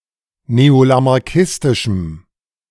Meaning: strong dative masculine/neuter singular of neolamarckistisch
- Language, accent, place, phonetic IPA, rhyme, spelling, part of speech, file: German, Germany, Berlin, [neolamaʁˈkɪstɪʃm̩], -ɪstɪʃm̩, neolamarckistischem, adjective, De-neolamarckistischem.ogg